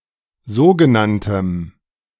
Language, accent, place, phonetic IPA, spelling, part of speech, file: German, Germany, Berlin, [ˈzoːɡəˌnantəm], sogenanntem, adjective, De-sogenanntem.ogg
- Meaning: strong dative masculine/neuter singular of sogenannt